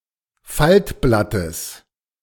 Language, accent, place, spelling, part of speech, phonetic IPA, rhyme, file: German, Germany, Berlin, Faltblattes, noun, [ˈfaltˌblatəs], -altblatəs, De-Faltblattes.ogg
- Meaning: genitive singular of Faltblatt